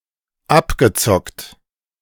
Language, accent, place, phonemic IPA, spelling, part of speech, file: German, Germany, Berlin, /ˈapɡəˌt͡sɔkt/, abgezockt, verb / adjective, De-abgezockt.ogg
- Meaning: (verb) past participle of abzocken; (adjective) ripped off